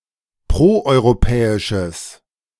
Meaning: strong/mixed nominative/accusative neuter singular of proeuropäisch
- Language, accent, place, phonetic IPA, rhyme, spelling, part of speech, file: German, Germany, Berlin, [ˌpʁoʔɔɪ̯ʁoˈpɛːɪʃəs], -ɛːɪʃəs, proeuropäisches, adjective, De-proeuropäisches.ogg